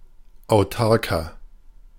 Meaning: 1. comparative degree of autark 2. inflection of autark: strong/mixed nominative masculine singular 3. inflection of autark: strong genitive/dative feminine singular
- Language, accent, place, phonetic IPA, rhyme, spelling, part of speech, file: German, Germany, Berlin, [aʊ̯ˈtaʁkɐ], -aʁkɐ, autarker, adjective, De-autarker.ogg